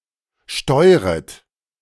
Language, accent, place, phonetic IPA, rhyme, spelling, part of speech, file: German, Germany, Berlin, [ˈʃtɔɪ̯ʁət], -ɔɪ̯ʁət, steuret, verb, De-steuret.ogg
- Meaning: second-person plural subjunctive I of steuern